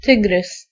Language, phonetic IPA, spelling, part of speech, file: Polish, [ˈtɨɡrɨs], tygrys, noun, Pl-tygrys.ogg